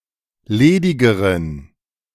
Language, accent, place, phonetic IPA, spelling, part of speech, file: German, Germany, Berlin, [ˈleːdɪɡəʁən], ledigeren, adjective, De-ledigeren.ogg
- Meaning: inflection of ledig: 1. strong genitive masculine/neuter singular comparative degree 2. weak/mixed genitive/dative all-gender singular comparative degree